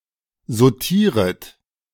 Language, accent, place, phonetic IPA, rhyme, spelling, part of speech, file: German, Germany, Berlin, [zoˈtiːʁət], -iːʁət, sautieret, verb, De-sautieret.ogg
- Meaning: second-person plural subjunctive I of sautieren